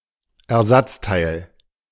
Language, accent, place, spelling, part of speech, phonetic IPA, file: German, Germany, Berlin, Ersatzteil, noun, [ɛɐ̯ˈzat͡sˌtaɪ̯l], De-Ersatzteil.ogg
- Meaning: spare part, replacement part